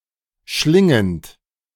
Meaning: present participle of schlingen
- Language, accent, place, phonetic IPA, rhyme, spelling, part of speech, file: German, Germany, Berlin, [ˈʃlɪŋənt], -ɪŋənt, schlingend, verb, De-schlingend.ogg